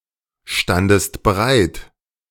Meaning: second-person singular preterite of bereitstehen
- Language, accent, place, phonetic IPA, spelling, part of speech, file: German, Germany, Berlin, [ˌʃtandəst bəˈʁaɪ̯t], standest bereit, verb, De-standest bereit.ogg